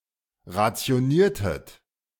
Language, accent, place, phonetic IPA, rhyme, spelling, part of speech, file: German, Germany, Berlin, [ʁat͡si̯oˈniːɐ̯tət], -iːɐ̯tət, rationiertet, verb, De-rationiertet.ogg
- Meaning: inflection of rationieren: 1. second-person plural preterite 2. second-person plural subjunctive II